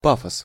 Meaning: 1. pathos, enthusiasm 2. pretentiousness, exaggerated drama
- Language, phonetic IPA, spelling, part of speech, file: Russian, [ˈpafəs], пафос, noun, Ru-пафос.ogg